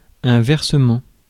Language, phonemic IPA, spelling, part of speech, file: French, /vɛʁ.sə.mɑ̃/, versement, noun, Fr-versement.ogg
- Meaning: payment, especially an electronic transaction